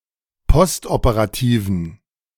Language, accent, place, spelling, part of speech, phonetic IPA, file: German, Germany, Berlin, postoperativen, adjective, [ˈpɔstʔopəʁaˌtiːvn̩], De-postoperativen.ogg
- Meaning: inflection of postoperativ: 1. strong genitive masculine/neuter singular 2. weak/mixed genitive/dative all-gender singular 3. strong/weak/mixed accusative masculine singular 4. strong dative plural